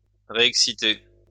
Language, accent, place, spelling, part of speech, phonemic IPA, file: French, France, Lyon, réexciter, verb, /ʁe.ɛk.si.te/, LL-Q150 (fra)-réexciter.wav
- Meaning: to excite again